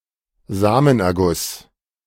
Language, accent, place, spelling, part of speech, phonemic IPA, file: German, Germany, Berlin, Samenerguss, noun, /ˈzaːmənɛʁˌɡʊs/, De-Samenerguss.ogg
- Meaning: ejaculation (ejection of semen through the urethra)